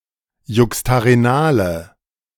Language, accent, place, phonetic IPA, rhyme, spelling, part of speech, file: German, Germany, Berlin, [ˌjʊkstaʁeˈnaːlə], -aːlə, juxtarenale, adjective, De-juxtarenale.ogg
- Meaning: inflection of juxtarenal: 1. strong/mixed nominative/accusative feminine singular 2. strong nominative/accusative plural 3. weak nominative all-gender singular